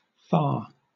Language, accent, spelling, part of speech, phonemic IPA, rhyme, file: English, Southern England, fa, noun / preposition, /fɑ/, -ɑː, LL-Q1860 (eng)-fa.wav
- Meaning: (noun) A syllable used in solfège to represent the fourth diatonic (or sixth chromatic) note of a major scale